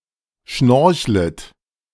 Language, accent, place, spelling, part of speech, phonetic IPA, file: German, Germany, Berlin, schnorchlet, verb, [ˈʃnɔʁçlət], De-schnorchlet.ogg
- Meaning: second-person plural subjunctive I of schnorcheln